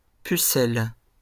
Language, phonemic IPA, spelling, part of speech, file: French, /py.sɛl/, pucelles, adjective, LL-Q150 (fra)-pucelles.wav
- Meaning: feminine plural of puceau